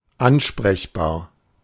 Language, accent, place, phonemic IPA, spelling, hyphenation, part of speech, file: German, Germany, Berlin, /ˈanʃpʁɛçˌbaːɐ̯/, ansprechbar, an‧sprech‧bar, adjective, De-ansprechbar.ogg
- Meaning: responsive